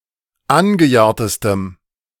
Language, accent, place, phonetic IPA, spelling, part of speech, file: German, Germany, Berlin, [ˈanɡəˌjaːɐ̯təstəm], angejahrtestem, adjective, De-angejahrtestem.ogg
- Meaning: strong dative masculine/neuter singular superlative degree of angejahrt